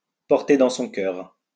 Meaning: to like, to hold dear
- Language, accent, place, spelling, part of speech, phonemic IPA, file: French, France, Lyon, porter dans son cœur, verb, /pɔʁ.te dɑ̃ sɔ̃ kœʁ/, LL-Q150 (fra)-porter dans son cœur.wav